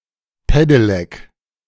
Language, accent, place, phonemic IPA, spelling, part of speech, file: German, Germany, Berlin, /ˈpedelɛk/, Pedelec, noun, De-Pedelec.ogg
- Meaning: pedelec (motorized bicycle)